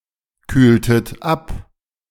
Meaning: inflection of abkühlen: 1. second-person plural preterite 2. second-person plural subjunctive II
- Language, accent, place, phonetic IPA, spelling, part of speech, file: German, Germany, Berlin, [ˌkyːltət ˈap], kühltet ab, verb, De-kühltet ab.ogg